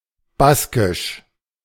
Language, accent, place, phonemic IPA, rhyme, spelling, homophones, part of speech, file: German, Germany, Berlin, /ˈbaskɪʃ/, -askɪʃ, baskisch, Baskisch, adjective, De-baskisch.ogg
- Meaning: Basque (related to the Basque people or their language)